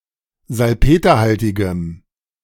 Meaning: strong dative masculine/neuter singular of salpeterhaltig
- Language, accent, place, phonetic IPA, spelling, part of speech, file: German, Germany, Berlin, [zalˈpeːtɐˌhaltɪɡəm], salpeterhaltigem, adjective, De-salpeterhaltigem.ogg